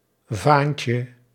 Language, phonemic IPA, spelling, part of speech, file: Dutch, /ˈvaɲcə/, vaantje, noun, Nl-vaantje.ogg
- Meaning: diminutive of vaan